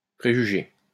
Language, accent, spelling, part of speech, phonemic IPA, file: French, France, préjuger, verb, /pʁe.ʒy.ʒe/, LL-Q150 (fra)-préjuger.wav
- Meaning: 1. to prejudge 2. to foresee; say in advance